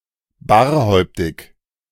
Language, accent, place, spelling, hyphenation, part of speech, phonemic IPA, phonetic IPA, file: German, Germany, Berlin, barhäuptig, bar‧häup‧tig, adjective, /ˈbaːʁˌhɔʏ̯ptɪç/, [ˈbaːɐ̯ˌhɔʏ̯ptʰɪç], De-barhäuptig.ogg
- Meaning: bareheaded